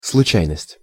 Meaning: 1. chance 2. fortuity, fortuitousness
- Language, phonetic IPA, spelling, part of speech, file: Russian, [sɫʊˈt͡ɕæjnəsʲtʲ], случайность, noun, Ru-случайность.ogg